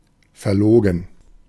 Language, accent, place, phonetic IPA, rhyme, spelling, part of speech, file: German, Germany, Berlin, [fɛɐ̯ˈloːɡn̩], -oːɡn̩, verlogen, adjective, De-verlogen.ogg
- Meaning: disingenuous, dishonest, phony